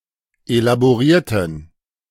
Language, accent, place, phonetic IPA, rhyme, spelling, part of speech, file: German, Germany, Berlin, [elaboˈʁiːɐ̯tn̩], -iːɐ̯tn̩, elaborierten, adjective / verb, De-elaborierten.ogg
- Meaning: inflection of elaboriert: 1. strong genitive masculine/neuter singular 2. weak/mixed genitive/dative all-gender singular 3. strong/weak/mixed accusative masculine singular 4. strong dative plural